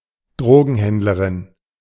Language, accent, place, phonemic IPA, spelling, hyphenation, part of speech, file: German, Germany, Berlin, /ˈdʁoːɡn̩ˌhɛndləʁɪn/, Drogenhändlerin, Dro‧gen‧händ‧le‧rin, noun, De-Drogenhändlerin.ogg
- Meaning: female drug dealer